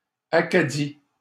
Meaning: 1. the ancient and mythical Acadia 2. Acadia (a former French colony in North America in modern eastern Canada and the United States)
- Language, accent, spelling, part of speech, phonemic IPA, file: French, Canada, Acadie, proper noun, /a.ka.di/, LL-Q150 (fra)-Acadie.wav